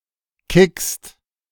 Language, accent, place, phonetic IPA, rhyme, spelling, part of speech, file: German, Germany, Berlin, [kɪkst], -ɪkst, kickst, verb, De-kickst.ogg
- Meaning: second-person singular present of kicken